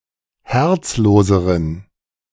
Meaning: inflection of herzlos: 1. strong genitive masculine/neuter singular comparative degree 2. weak/mixed genitive/dative all-gender singular comparative degree
- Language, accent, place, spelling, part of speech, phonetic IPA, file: German, Germany, Berlin, herzloseren, adjective, [ˈhɛʁt͡sˌloːzəʁən], De-herzloseren.ogg